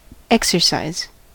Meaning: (noun) 1. Any activity designed to develop or hone a skill or ability 2. Activity intended to improve physical, or sometimes mental, strength and fitness
- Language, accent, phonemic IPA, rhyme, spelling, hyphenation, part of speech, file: English, US, /ˈɛk.sɚ.saɪz/, -aɪz, exercise, ex‧er‧cise, noun / verb, En-us-exercise.ogg